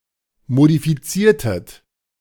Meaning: inflection of modifizieren: 1. second-person plural preterite 2. second-person plural subjunctive II
- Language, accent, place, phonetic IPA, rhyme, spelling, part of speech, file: German, Germany, Berlin, [modifiˈt͡siːɐ̯tət], -iːɐ̯tət, modifiziertet, verb, De-modifiziertet.ogg